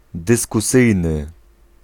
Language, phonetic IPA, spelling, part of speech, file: Polish, [ˌdɨskuˈsɨjnɨ], dyskusyjny, adjective, Pl-dyskusyjny.ogg